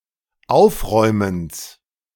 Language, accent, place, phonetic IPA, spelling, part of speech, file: German, Germany, Berlin, [ˈaʊ̯fˌʁɔɪ̯məns], Aufräumens, noun, De-Aufräumens.ogg
- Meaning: genitive singular of Aufräumen